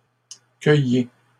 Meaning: inflection of cueillir: 1. second-person plural present indicative 2. second-person plural imperative
- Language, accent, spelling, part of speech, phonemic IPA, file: French, Canada, cueillez, verb, /kœ.je/, LL-Q150 (fra)-cueillez.wav